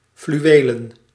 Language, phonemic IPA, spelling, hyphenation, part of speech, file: Dutch, /ˌflyˈʋeː.lə(n)/, fluwelen, flu‧we‧len, adjective / noun, Nl-fluwelen.ogg
- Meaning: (adjective) 1. velveteen, made of velvet 2. velvety, soft and pleasant like velvet; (noun) plural of fluweel